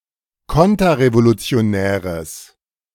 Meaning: strong/mixed nominative/accusative neuter singular of konterrevolutionär
- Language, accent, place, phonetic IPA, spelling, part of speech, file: German, Germany, Berlin, [ˈkɔntɐʁevolut͡si̯oˌnɛːʁəs], konterrevolutionäres, adjective, De-konterrevolutionäres.ogg